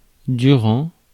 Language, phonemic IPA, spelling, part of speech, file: French, /dy.ʁɑ̃/, durant, preposition / postposition / verb, Fr-durant.ogg
- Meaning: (preposition) during, while; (postposition) on end; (verb) present participle of durer